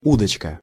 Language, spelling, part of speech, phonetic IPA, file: Russian, удочка, noun, [ˈudət͡ɕkə], Ru-удочка.ogg
- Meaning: fishing rod (rod used for angling)